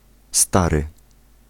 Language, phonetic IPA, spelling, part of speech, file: Polish, [ˈstarɨ], stary, adjective / noun, Pl-stary.ogg